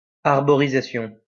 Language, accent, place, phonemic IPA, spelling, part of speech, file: French, France, Lyon, /aʁ.bɔ.ʁi.za.sjɔ̃/, arborisation, noun, LL-Q150 (fra)-arborisation.wav
- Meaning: 1. treeplanting 2. arborization, branching